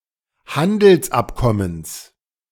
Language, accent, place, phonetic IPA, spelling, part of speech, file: German, Germany, Berlin, [ˈhandl̩sˌʔapkɔməns], Handelsabkommens, noun, De-Handelsabkommens.ogg
- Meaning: genitive singular of Handelsabkommen